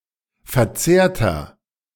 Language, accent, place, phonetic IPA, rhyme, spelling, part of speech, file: German, Germany, Berlin, [fɛɐ̯ˈt͡seːɐ̯tɐ], -eːɐ̯tɐ, verzehrter, adjective, De-verzehrter.ogg
- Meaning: inflection of verzehrt: 1. strong/mixed nominative masculine singular 2. strong genitive/dative feminine singular 3. strong genitive plural